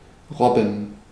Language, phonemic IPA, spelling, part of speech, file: German, /ˈrɔbən/, robben, verb, De-robben.ogg
- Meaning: 1. to creep, to crawl; to move on ground level, lying flatly on the stomach with the help of one's forearms or elbows 2. describing the typical movement of a seal on land; to galumph